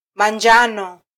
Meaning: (noun) 1. turmeric 2. The color yellow; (adjective) alternative form of -a njano: yellow
- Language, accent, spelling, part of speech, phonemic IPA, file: Swahili, Kenya, manjano, noun / adjective, /mɑˈⁿdʒɑ.nɔ/, Sw-ke-manjano.flac